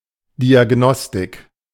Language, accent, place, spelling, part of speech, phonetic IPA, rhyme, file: German, Germany, Berlin, Diagnostik, noun, [ˌdiaˈɡnɔstɪk], -ɔstɪk, De-Diagnostik.ogg
- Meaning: diagnostics